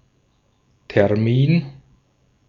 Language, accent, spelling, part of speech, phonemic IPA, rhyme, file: German, Austria, Termin, noun, /tɛʁˈmiːn/, -iːn, De-at-Termin.ogg
- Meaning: 1. date (day on which a certain event takes place) 2. deadline (date on or before which something must be completed)